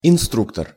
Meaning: coach, instructor, trainer
- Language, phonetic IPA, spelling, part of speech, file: Russian, [ɪnˈstruktər], инструктор, noun, Ru-инструктор.ogg